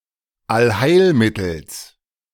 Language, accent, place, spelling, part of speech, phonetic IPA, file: German, Germany, Berlin, Allheilmittels, noun, [alˈhaɪ̯lˌmɪtl̩s], De-Allheilmittels.ogg
- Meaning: genitive singular of Allheilmittel